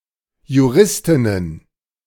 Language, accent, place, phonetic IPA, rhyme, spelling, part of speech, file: German, Germany, Berlin, [juˈʁɪstɪnən], -ɪstɪnən, Juristinnen, noun, De-Juristinnen.ogg
- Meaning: plural of Juristin